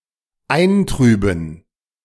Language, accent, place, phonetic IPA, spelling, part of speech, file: German, Germany, Berlin, [ˈaɪ̯nˌtʁyːbn̩], eintrüben, verb, De-eintrüben.ogg
- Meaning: to blur